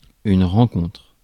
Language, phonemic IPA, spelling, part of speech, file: French, /ʁɑ̃.kɔ̃tʁ/, rencontre, noun / verb, Fr-rencontre.ogg
- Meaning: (noun) 1. encounter 2. meeting 3. fixture; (verb) inflection of rencontrer: 1. first/third-person singular present indicative/subjunctive 2. second-person singular imperative